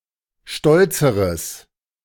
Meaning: strong/mixed nominative/accusative neuter singular comparative degree of stolz
- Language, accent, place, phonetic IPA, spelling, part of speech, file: German, Germany, Berlin, [ˈʃtɔlt͡səʁəs], stolzeres, adjective, De-stolzeres.ogg